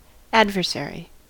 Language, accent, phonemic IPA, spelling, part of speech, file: English, US, /ˈæd.vəɹˌsɛɹi/, adversary, noun, En-us-adversary.ogg
- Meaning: A person, group, or thing that opposes or attacks another person or group; an opponent or rival